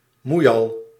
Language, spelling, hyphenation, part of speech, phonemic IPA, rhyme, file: Dutch, moeial, moei‧al, noun, /ˈmujɑl/, -ujɑl, Nl-moeial.ogg
- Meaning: busybody